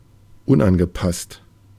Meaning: 1. maladjusted 2. inadequate
- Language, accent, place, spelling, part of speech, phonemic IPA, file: German, Germany, Berlin, unangepasst, adjective, /ˈʊnʔanɡəˌpast/, De-unangepasst.ogg